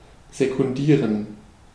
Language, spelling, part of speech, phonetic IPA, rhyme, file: German, sekundieren, verb, [zekʊnˈdiːʁən], -iːʁən, De-sekundieren.ogg
- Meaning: to second